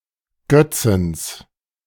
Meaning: a municipality of Tyrol, Austria
- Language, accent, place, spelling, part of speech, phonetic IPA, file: German, Germany, Berlin, Götzens, noun, [ˈɡœt͡səns], De-Götzens.ogg